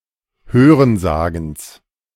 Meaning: genitive singular of Hörensagen
- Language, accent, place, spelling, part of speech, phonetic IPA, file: German, Germany, Berlin, Hörensagens, noun, [ˈhøːʁənˌzaːɡn̩s], De-Hörensagens.ogg